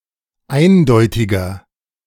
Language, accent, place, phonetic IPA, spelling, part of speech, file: German, Germany, Berlin, [ˈaɪ̯nˌdɔɪ̯tɪɡɐ], eindeutiger, adjective, De-eindeutiger.ogg
- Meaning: 1. comparative degree of eindeutig 2. inflection of eindeutig: strong/mixed nominative masculine singular 3. inflection of eindeutig: strong genitive/dative feminine singular